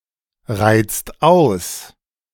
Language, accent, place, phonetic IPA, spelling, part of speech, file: German, Germany, Berlin, [ˌʁaɪ̯t͡st ˈaʊ̯s], reizt aus, verb, De-reizt aus.ogg
- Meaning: inflection of ausreizen: 1. second-person singular/plural present 2. third-person singular present 3. plural imperative